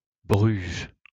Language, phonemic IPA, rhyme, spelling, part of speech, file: French, /bʁyʒ/, -yʒ, Bruges, proper noun, LL-Q150 (fra)-Bruges.wav
- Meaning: 1. Bruges (the capital city of West Flanders province, Belgium) 2. Bruges (a commune and town in Gironde department, Nouvelle-Aquitaine, France)